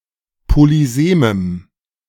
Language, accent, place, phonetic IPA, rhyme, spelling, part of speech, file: German, Germany, Berlin, [poliˈzeːməm], -eːməm, polysemem, adjective, De-polysemem.ogg
- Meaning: strong dative masculine/neuter singular of polysem